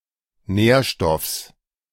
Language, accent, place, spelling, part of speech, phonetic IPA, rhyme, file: German, Germany, Berlin, Nährstoffs, noun, [ˈnɛːɐ̯ˌʃtɔfs], -ɛːɐ̯ʃtɔfs, De-Nährstoffs.ogg
- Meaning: genitive singular of Nährstoff